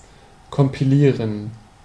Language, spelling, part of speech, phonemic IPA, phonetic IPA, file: German, kompilieren, verb, /kɔmpiˈliːʁən/, [kɔmpiˈliːɐ̯n], De-kompilieren.ogg
- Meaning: 1. to compile or assemble information (without e.g. performing original research) 2. to compile; to produce assembly or binary code from a program written in a higher-level language